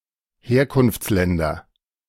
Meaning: nominative/accusative/genitive plural of Herkunftsland
- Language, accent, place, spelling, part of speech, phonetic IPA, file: German, Germany, Berlin, Herkunftsländer, noun, [ˈheːɐ̯kʊnft͡sˌlɛndɐ], De-Herkunftsländer.ogg